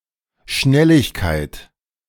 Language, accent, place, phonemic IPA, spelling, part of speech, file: German, Germany, Berlin, /ˈʃnɛlɪçˌkaɪ̯t/, Schnelligkeit, noun, De-Schnelligkeit.ogg
- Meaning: 1. speed, velocity, rapidness, quickness (state/degree of moving or proceeding fast) 2. speed, the ability to move, especially run, fast